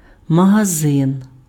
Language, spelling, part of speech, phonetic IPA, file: Ukrainian, магазин, noun, [mɐɦɐˈzɪn], Uk-магазин.ogg
- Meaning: 1. shop, store (establishment that sells goods) 2. magazine (ammunition holder enabling multiple rounds of ammunition to be fed to a gun)